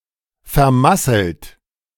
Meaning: 1. past participle of vermasseln 2. inflection of vermasseln: third-person singular present 3. inflection of vermasseln: second-person plural present 4. inflection of vermasseln: plural imperative
- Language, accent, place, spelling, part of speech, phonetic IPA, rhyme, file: German, Germany, Berlin, vermasselt, verb, [fɛɐ̯ˈmasl̩t], -asl̩t, De-vermasselt.ogg